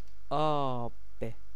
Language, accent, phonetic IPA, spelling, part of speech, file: Persian, Iran, [ʔɒːb̥], آب, noun, Fa-آب.ogg
- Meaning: 1. water 2. liquid 3. juice 4. river 5. honour, reputation, standing